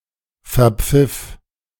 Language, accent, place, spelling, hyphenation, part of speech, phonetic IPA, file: German, Germany, Berlin, verpfiff, ver‧pfiff, verb, [fɛɐ̯ˈp͡fɪf], De-verpfiff.ogg
- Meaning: first/third-person singular preterite of verpfeifen